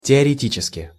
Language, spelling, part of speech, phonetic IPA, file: Russian, теоретически, adverb, [tʲɪərʲɪˈtʲit͡ɕɪskʲɪ], Ru-теоретически.ogg
- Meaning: theoretically (in theory)